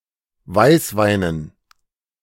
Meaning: dative plural of Weißwein
- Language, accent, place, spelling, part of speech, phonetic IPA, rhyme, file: German, Germany, Berlin, Weißweinen, noun, [ˈvaɪ̯sˌvaɪ̯nən], -aɪ̯svaɪ̯nən, De-Weißweinen.ogg